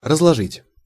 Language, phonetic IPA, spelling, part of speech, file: Russian, [rəzɫɐˈʐɨtʲ], разложить, verb, Ru-разложить.ogg
- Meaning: 1. to put (in separate locations), to put away 2. to lay out, to display 3. to lay flat (e.g. a newspaper or cot) 4. to spread out (cards) 5. to distribute, to apportion, to allocate